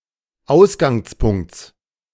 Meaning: genitive singular of Ausgangspunkt
- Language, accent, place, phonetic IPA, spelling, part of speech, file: German, Germany, Berlin, [ˈaʊ̯sɡaŋsˌpʊŋkt͡s], Ausgangspunkts, noun, De-Ausgangspunkts.ogg